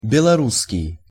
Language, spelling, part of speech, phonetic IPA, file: Russian, белорусский, adjective / noun, [ˌbʲeɫɐˈrus(ː)kʲɪj], Ru-белорусский.ogg
- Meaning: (adjective) 1. Belorussian (relating to Belorussia, former state of the Soviet Union) 2. Belarusian (relating to Belarus, current nation formed from the same territory); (noun) Belarusian language